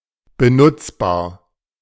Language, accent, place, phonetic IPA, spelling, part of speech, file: German, Germany, Berlin, [bəˈnʊt͡sbaːɐ̯], benutzbar, adjective, De-benutzbar.ogg
- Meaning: usable